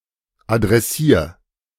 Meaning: 1. singular imperative of adressieren 2. first-person singular present of adressieren
- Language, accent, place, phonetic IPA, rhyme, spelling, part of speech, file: German, Germany, Berlin, [adʁɛˈsiːɐ̯], -iːɐ̯, adressier, verb, De-adressier.ogg